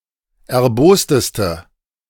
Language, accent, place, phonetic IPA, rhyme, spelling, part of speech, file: German, Germany, Berlin, [ɛɐ̯ˈboːstəstə], -oːstəstə, erbosteste, adjective, De-erbosteste.ogg
- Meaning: inflection of erbost: 1. strong/mixed nominative/accusative feminine singular superlative degree 2. strong nominative/accusative plural superlative degree